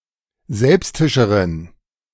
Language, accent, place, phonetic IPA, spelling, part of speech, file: German, Germany, Berlin, [ˈzɛlpstɪʃəʁən], selbstischeren, adjective, De-selbstischeren.ogg
- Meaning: inflection of selbstisch: 1. strong genitive masculine/neuter singular comparative degree 2. weak/mixed genitive/dative all-gender singular comparative degree